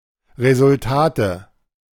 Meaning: nominative/accusative/genitive plural of Resultat
- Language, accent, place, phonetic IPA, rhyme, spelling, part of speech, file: German, Germany, Berlin, [ˌʁezʊlˈtaːtə], -aːtə, Resultate, noun, De-Resultate.ogg